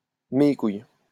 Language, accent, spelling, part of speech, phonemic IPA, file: French, France, de mes couilles, adjective, /də me kuj/, LL-Q150 (fra)-de mes couilles.wav
- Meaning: pesky, damned, bloody, fucking (as an intensifier)